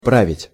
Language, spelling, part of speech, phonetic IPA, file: Russian, править, verb, [ˈpravʲɪtʲ], Ru-править.ogg
- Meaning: 1. to govern, to rule (usually of a lord or monarch) 2. to drive, to steer (a vehicle) 3. to perform, to celebrate (a rite) 4. to correct 5. to strop, to set